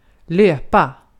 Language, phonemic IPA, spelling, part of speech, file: Swedish, /løːpa/, löpa, verb, Sv-löpa.ogg
- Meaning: 1. to run along, stretch 2. to run, to move quickly forward, for a long distance 3. to run free, run off; manage not to be caught